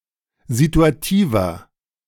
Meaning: inflection of situativ: 1. strong/mixed nominative masculine singular 2. strong genitive/dative feminine singular 3. strong genitive plural
- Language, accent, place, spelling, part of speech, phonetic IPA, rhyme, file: German, Germany, Berlin, situativer, adjective, [zituaˈtiːvɐ], -iːvɐ, De-situativer.ogg